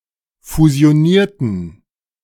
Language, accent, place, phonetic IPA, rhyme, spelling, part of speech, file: German, Germany, Berlin, [fuzi̯oˈniːɐ̯tn̩], -iːɐ̯tn̩, fusionierten, adjective / verb, De-fusionierten.ogg
- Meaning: inflection of fusionieren: 1. first/third-person plural preterite 2. first/third-person plural subjunctive II